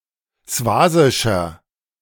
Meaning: inflection of swasisch: 1. strong/mixed nominative masculine singular 2. strong genitive/dative feminine singular 3. strong genitive plural
- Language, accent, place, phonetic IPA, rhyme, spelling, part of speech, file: German, Germany, Berlin, [ˈsvaːzɪʃɐ], -aːzɪʃɐ, swasischer, adjective, De-swasischer.ogg